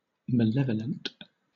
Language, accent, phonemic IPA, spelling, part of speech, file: English, Southern England, /məˈlɛvələnt/, malevolent, adjective, LL-Q1860 (eng)-malevolent.wav
- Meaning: 1. Having or displaying ill will; wishing harm on others 2. Having an evil or harmful influence